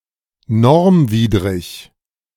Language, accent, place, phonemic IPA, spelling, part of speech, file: German, Germany, Berlin, /ˈnɔʁmˌviːdʁɪç/, normwidrig, adjective, De-normwidrig.ogg
- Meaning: non-standard